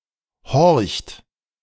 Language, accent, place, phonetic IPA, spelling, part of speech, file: German, Germany, Berlin, [hɔʁçt], horcht, verb, De-horcht.ogg
- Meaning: inflection of horchen: 1. second-person plural present 2. third-person singular present 3. plural imperative